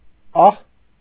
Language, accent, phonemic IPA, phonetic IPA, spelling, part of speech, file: Armenian, Eastern Armenian, /ɑh/, [ɑh], ահ, noun, Hy-ահ.ogg
- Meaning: fear, fright; dread, terror; anxiety